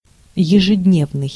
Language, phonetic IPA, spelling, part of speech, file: Russian, [(j)ɪʐɨdʲˈnʲevnɨj], ежедневный, adjective, Ru-ежедневный.ogg
- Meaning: 1. daily (occurring every day) 2. everyday (appropriate for ordinary use, rather than for special occasions)